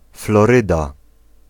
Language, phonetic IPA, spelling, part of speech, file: Polish, [flɔˈrɨda], Floryda, proper noun, Pl-Floryda.ogg